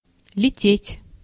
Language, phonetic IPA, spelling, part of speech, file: Russian, [lʲɪˈtʲetʲ], лететь, verb, Ru-лететь.ogg
- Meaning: to fly, to be flying